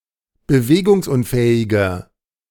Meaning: inflection of bewegungsunfähig: 1. strong/mixed nominative masculine singular 2. strong genitive/dative feminine singular 3. strong genitive plural
- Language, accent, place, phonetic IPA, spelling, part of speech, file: German, Germany, Berlin, [bəˈveːɡʊŋsˌʔʊnfɛːɪɡɐ], bewegungsunfähiger, adjective, De-bewegungsunfähiger.ogg